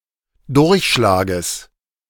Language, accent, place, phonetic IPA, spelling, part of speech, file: German, Germany, Berlin, [ˈdʊʁçˌʃlaːɡəs], Durchschlages, noun, De-Durchschlages.ogg
- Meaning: genitive singular of Durchschlag